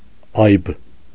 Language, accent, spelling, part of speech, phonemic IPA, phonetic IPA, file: Armenian, Eastern Armenian, այբ, noun, /ɑjb/, [ɑjb], Hy-այբ.ogg
- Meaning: the name of the Armenian letter ա (a)